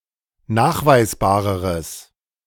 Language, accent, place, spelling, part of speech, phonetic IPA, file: German, Germany, Berlin, nachweisbareres, adjective, [ˈnaːxvaɪ̯sˌbaːʁəʁəs], De-nachweisbareres.ogg
- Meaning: strong/mixed nominative/accusative neuter singular comparative degree of nachweisbar